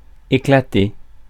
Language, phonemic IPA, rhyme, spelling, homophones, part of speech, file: French, /e.kla.te/, -e, éclater, éclatai / éclaté / éclatée / éclatées / éclatés / éclatez, verb, Fr-éclater.ogg
- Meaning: 1. to burst; to break, to shatter 2. to boom (make a loud noise) 3. to appear 4. to shine 5. to party; to have a great time, to have a ball